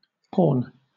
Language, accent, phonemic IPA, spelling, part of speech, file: English, Southern England, /pɔːn/, porn, noun, LL-Q1860 (eng)-porn.wav
- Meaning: 1. Pornography 2. A pornographic work 3. Material, usually visual, presenting something desirable in a sensational manner